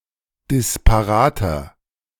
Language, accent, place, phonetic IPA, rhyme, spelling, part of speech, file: German, Germany, Berlin, [dɪspaˈʁaːtɐ], -aːtɐ, disparater, adjective, De-disparater.ogg
- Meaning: 1. comparative degree of disparat 2. inflection of disparat: strong/mixed nominative masculine singular 3. inflection of disparat: strong genitive/dative feminine singular